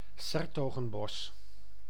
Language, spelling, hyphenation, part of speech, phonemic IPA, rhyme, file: Dutch, 's-Hertogenbosch, 's-Her‧to‧gen‧bosch, proper noun, /ˌsɛr.toː.ɣə(m)ˈbɔs/, -ɔs, Nl-'s-Hertogenbosch.ogg
- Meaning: 's-Hertogenbosch (a city, municipality, and capital of North Brabant, Netherlands)